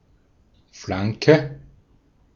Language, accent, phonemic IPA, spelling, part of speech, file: German, Austria, /ˈflaŋkə/, Flanke, noun, De-at-Flanke.ogg
- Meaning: 1. flank, side (of the body) 2. flank (side of the field) 3. cross (ball from the flank towards the centre)